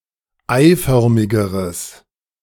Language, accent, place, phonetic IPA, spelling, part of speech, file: German, Germany, Berlin, [ˈaɪ̯ˌfœʁmɪɡəʁəs], eiförmigeres, adjective, De-eiförmigeres.ogg
- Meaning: strong/mixed nominative/accusative neuter singular comparative degree of eiförmig